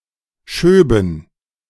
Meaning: first/third-person plural subjunctive II of schieben
- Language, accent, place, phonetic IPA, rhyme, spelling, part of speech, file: German, Germany, Berlin, [ˈʃøːbn̩], -øːbn̩, schöben, verb, De-schöben.ogg